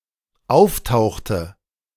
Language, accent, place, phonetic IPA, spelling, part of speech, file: German, Germany, Berlin, [ˈaʊ̯fˌtaʊ̯xtə], auftauchte, verb, De-auftauchte.ogg
- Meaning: inflection of auftauchen: 1. first/third-person singular dependent preterite 2. first/third-person singular dependent subjunctive II